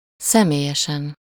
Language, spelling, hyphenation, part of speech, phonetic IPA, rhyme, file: Hungarian, személyesen, sze‧mé‧lye‧sen, adverb / adjective, [ˈsɛmeːjɛʃɛn], -ɛn, Hu-személyesen.ogg
- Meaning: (adverb) personally, in person; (adjective) superessive singular of személyes